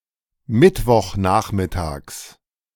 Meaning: genitive of Mittwochnachmittag
- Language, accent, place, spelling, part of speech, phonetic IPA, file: German, Germany, Berlin, Mittwochnachmittags, noun, [ˈmɪtvɔxˌnaːxmɪtaːks], De-Mittwochnachmittags.ogg